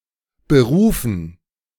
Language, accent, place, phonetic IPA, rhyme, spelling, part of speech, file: German, Germany, Berlin, [bəˈʁuːfn̩], -uːfn̩, Berufen, noun, De-Berufen.ogg
- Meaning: dative plural of Beruf